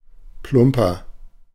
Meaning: inflection of plump: 1. strong/mixed nominative masculine singular 2. strong genitive/dative feminine singular 3. strong genitive plural
- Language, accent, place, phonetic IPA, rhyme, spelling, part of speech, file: German, Germany, Berlin, [ˈplʊmpɐ], -ʊmpɐ, plumper, adjective, De-plumper.ogg